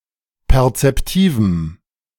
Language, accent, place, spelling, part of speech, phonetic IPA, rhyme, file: German, Germany, Berlin, perzeptivem, adjective, [pɛʁt͡sɛpˈtiːvm̩], -iːvm̩, De-perzeptivem.ogg
- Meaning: strong dative masculine/neuter singular of perzeptiv